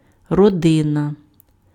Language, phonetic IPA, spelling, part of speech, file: Ukrainian, [rɔˈdɪnɐ], родина, noun, Uk-родина.ogg
- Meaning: 1. family 2. relative 3. homeland 4. lineage, clan, tribe, family